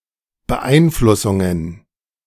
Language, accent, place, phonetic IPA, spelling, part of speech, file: German, Germany, Berlin, [bəˈʔaɪ̯nflʊsʊŋən], Beeinflussungen, noun, De-Beeinflussungen.ogg
- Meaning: plural of Beeinflussung